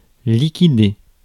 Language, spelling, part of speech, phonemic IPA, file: French, liquider, verb, /li.ki.de/, Fr-liquider.ogg
- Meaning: 1. to liquidate, pay off, settle (a debt) 2. to sell off (goods) 3. to liquidate, bump off (kill)